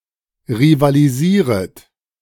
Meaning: second-person plural subjunctive I of rivalisieren
- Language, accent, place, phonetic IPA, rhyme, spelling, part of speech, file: German, Germany, Berlin, [ʁivaliˈziːʁət], -iːʁət, rivalisieret, verb, De-rivalisieret.ogg